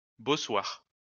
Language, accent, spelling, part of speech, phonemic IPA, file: French, France, bossoir, noun, /bɔ.swaʁ/, LL-Q150 (fra)-bossoir.wav
- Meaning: davit